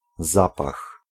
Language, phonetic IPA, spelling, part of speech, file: Polish, [ˈzapax], zapach, noun, Pl-zapach.ogg